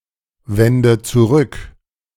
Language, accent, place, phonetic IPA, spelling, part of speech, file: German, Germany, Berlin, [ˌvɛndə t͡suˈʁʏk], wende zurück, verb, De-wende zurück.ogg
- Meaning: inflection of zurückwenden: 1. first-person singular present 2. first/third-person singular subjunctive I 3. singular imperative